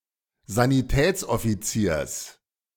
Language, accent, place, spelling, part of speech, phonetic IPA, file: German, Germany, Berlin, Sanitätsoffiziers, noun, [zaniˈtɛːt͡sʔɔfiˌt͡siːɐ̯s], De-Sanitätsoffiziers.ogg
- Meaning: genitive singular of Sanitätsoffizier